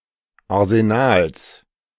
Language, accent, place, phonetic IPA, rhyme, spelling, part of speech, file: German, Germany, Berlin, [aʁzeˈnaːls], -aːls, Arsenals, noun, De-Arsenals.ogg
- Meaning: genitive of Arsenal